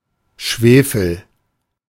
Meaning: sulfur, brimstone (chemical element, S, atomic number 16)
- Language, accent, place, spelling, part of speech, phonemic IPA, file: German, Germany, Berlin, Schwefel, noun, /ˈʃveːfəl/, De-Schwefel.ogg